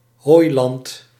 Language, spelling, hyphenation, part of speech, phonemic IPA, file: Dutch, hooiland, hooi‧land, noun, /ˈɦoːi̯.lɑnt/, Nl-hooiland.ogg
- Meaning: hayland